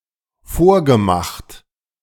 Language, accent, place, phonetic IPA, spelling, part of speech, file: German, Germany, Berlin, [ˈfoːɐ̯ɡəˌmaxt], vorgemacht, verb, De-vorgemacht.ogg
- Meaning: past participle of vormachen